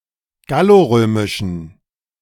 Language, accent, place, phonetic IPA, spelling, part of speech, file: German, Germany, Berlin, [ˈɡaloˌʁøːmɪʃn̩], gallorömischen, adjective, De-gallorömischen.ogg
- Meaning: inflection of gallorömisch: 1. strong genitive masculine/neuter singular 2. weak/mixed genitive/dative all-gender singular 3. strong/weak/mixed accusative masculine singular 4. strong dative plural